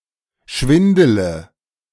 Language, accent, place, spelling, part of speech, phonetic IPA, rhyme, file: German, Germany, Berlin, schwindele, verb, [ˈʃvɪndələ], -ɪndələ, De-schwindele.ogg
- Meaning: inflection of schwindeln: 1. first-person singular present 2. singular imperative 3. first/third-person singular subjunctive I